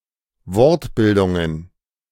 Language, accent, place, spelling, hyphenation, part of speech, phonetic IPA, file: German, Germany, Berlin, Wortbildungen, Wort‧bil‧dun‧gen, noun, [ˈvɔʁtˌbɪldʊŋən], De-Wortbildungen.ogg
- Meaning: plural of Wortbildung